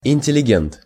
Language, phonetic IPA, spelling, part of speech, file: Russian, [ɪnʲtʲɪlʲɪˈɡʲent], интеллигент, noun, Ru-интеллигент.ogg
- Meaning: intellectual (intelligent person, interested in intellectual matters)